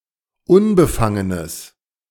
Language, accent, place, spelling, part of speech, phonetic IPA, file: German, Germany, Berlin, unbefangenes, adjective, [ˈʊnbəˌfaŋənəs], De-unbefangenes.ogg
- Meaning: strong/mixed nominative/accusative neuter singular of unbefangen